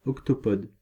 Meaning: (adjective) octopod; eight-legged; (noun) octopod (creature with eight legs)
- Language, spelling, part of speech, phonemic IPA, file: French, octopode, adjective / noun, /ɔk.to.pɔd/, Fr-octopode.ogg